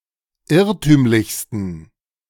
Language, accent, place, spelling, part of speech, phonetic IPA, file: German, Germany, Berlin, irrtümlichsten, adjective, [ˈɪʁtyːmlɪçstn̩], De-irrtümlichsten.ogg
- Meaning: 1. superlative degree of irrtümlich 2. inflection of irrtümlich: strong genitive masculine/neuter singular superlative degree